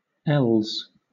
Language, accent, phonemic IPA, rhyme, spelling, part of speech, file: English, Southern England, /ˈɛlz/, -ɛlz, els, noun, LL-Q1860 (eng)-els.wav
- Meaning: plural of el